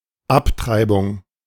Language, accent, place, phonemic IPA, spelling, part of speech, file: German, Germany, Berlin, /ˈapˌtʁaɪ̯bʊŋ/, Abtreibung, noun, De-Abtreibung.ogg
- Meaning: abortion (of a human embryo, fetus, or baby)